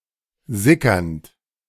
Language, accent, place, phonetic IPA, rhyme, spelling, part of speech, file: German, Germany, Berlin, [ˈzɪkɐnt], -ɪkɐnt, sickernd, verb, De-sickernd.ogg
- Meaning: present participle of sickern